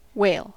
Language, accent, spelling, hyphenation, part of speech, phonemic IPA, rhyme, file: English, US, whale, whale, noun / verb, /ˈweɪl/, -eɪl, En-us-whale.ogg
- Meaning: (noun) 1. Any large cetacean, usually with the exclusion of dolphins and porpoises 2. Any species of Cetacea, including dolphins and porpoises 3. Something, or someone, that is very large